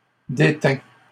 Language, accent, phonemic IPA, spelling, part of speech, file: French, Canada, /de.tɛ̃/, détint, verb, LL-Q150 (fra)-détint.wav
- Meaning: third-person singular past historic of détenir